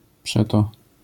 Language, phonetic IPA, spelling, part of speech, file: Polish, [ˈpʃɛtɔ], przeto, conjunction, LL-Q809 (pol)-przeto.wav